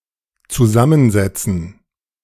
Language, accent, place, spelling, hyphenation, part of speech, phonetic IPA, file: German, Germany, Berlin, zusammensetzen, zu‧sam‧men‧set‧zen, verb, [tsuˈzamənˌzɛtsn̩], De-zusammensetzen.ogg
- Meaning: 1. to assemble, compose (put together) 2. to consist of, to be made up by 3. to sit down together (such as to be able to talk while sitting)